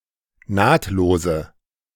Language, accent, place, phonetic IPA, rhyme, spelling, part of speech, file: German, Germany, Berlin, [ˈnaːtloːzə], -aːtloːzə, nahtlose, adjective, De-nahtlose.ogg
- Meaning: inflection of nahtlos: 1. strong/mixed nominative/accusative feminine singular 2. strong nominative/accusative plural 3. weak nominative all-gender singular 4. weak accusative feminine/neuter singular